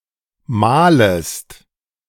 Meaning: second-person singular subjunctive I of malen
- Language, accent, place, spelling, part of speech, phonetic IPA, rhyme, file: German, Germany, Berlin, malest, verb, [ˈmaːləst], -aːləst, De-malest.ogg